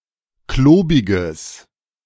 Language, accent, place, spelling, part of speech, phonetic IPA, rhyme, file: German, Germany, Berlin, klobiges, adjective, [ˈkloːbɪɡəs], -oːbɪɡəs, De-klobiges.ogg
- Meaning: strong/mixed nominative/accusative neuter singular of klobig